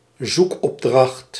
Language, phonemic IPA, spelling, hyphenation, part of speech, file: Dutch, /ˈzuk.ɔpˌdrɑxt/, zoekopdracht, zoek‧op‧dracht, noun, Nl-zoekopdracht.ogg
- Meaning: a search query, a query entered into a search function or a search engine